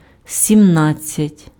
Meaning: seventeen (17)
- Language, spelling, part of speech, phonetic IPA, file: Ukrainian, сімнадцять, numeral, [sʲimˈnad͡zʲt͡sʲɐtʲ], Uk-сімнадцять.ogg